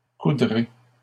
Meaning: second-person plural simple future of coudre
- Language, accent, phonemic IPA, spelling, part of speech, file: French, Canada, /ku.dʁe/, coudrez, verb, LL-Q150 (fra)-coudrez.wav